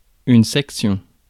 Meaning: section
- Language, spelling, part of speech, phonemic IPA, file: French, section, noun, /sɛk.sjɔ̃/, Fr-section.ogg